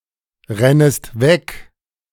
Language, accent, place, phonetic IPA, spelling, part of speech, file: German, Germany, Berlin, [ˌʁɛnəst ˈvɛk], rennest weg, verb, De-rennest weg.ogg
- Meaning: second-person singular subjunctive I of wegrennen